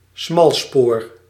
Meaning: narrow gauge railway
- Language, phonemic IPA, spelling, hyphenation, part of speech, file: Dutch, /ˈsmɑl.spoːr/, smalspoor, smal‧spoor, noun, Nl-smalspoor.ogg